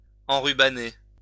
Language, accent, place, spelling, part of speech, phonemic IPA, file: French, France, Lyon, enrubanner, verb, /ɑ̃.ʁy.ba.ne/, LL-Q150 (fra)-enrubanner.wav
- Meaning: to ribbon, beribbon